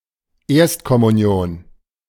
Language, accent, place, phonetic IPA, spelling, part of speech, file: German, Germany, Berlin, [ˈeːɐ̯stkɔmuˌni̯oːn], Erstkommunion, noun, De-Erstkommunion.ogg
- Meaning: First Communion